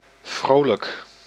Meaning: cheerful, merry, gleeful
- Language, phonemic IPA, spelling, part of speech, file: Dutch, /ˈvroːˌlək/, vrolijk, adjective, Nl-vrolijk.ogg